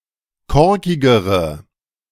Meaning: inflection of korkig: 1. strong/mixed nominative/accusative feminine singular comparative degree 2. strong nominative/accusative plural comparative degree
- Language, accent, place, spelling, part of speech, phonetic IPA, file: German, Germany, Berlin, korkigere, adjective, [ˈkɔʁkɪɡəʁə], De-korkigere.ogg